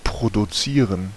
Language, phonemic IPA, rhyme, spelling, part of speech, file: German, /pʁoduˈtsiːʁən/, -iːʁən, produzieren, verb, De-produzieren.ogg
- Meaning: 1. to produce 2. to show off